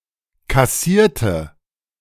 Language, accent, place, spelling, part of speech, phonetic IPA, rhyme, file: German, Germany, Berlin, kassierte, adjective / verb, [kaˈsiːɐ̯tə], -iːɐ̯tə, De-kassierte.ogg
- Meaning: inflection of kassieren: 1. first/third-person singular preterite 2. first/third-person singular subjunctive II